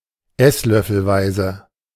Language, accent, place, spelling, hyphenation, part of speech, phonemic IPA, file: German, Germany, Berlin, esslöffelweise, ess‧löf‧fel‧wei‧se, adjective, /ˈɛslœfl̩ˌvaɪ̯zə/, De-esslöffelweise.ogg
- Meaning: tablespoon